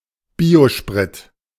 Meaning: biofuel
- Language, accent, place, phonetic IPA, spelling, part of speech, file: German, Germany, Berlin, [ˈbiːoˌʃpʁɪt], Biosprit, noun, De-Biosprit.ogg